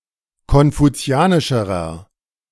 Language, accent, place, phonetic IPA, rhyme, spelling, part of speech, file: German, Germany, Berlin, [kɔnfuˈt͡si̯aːnɪʃəʁɐ], -aːnɪʃəʁɐ, konfuzianischerer, adjective, De-konfuzianischerer.ogg
- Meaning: inflection of konfuzianisch: 1. strong/mixed nominative masculine singular comparative degree 2. strong genitive/dative feminine singular comparative degree